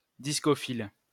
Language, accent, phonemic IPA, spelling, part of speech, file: French, France, /dis.kɔ.fil/, discophile, noun, LL-Q150 (fra)-discophile.wav
- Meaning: discophile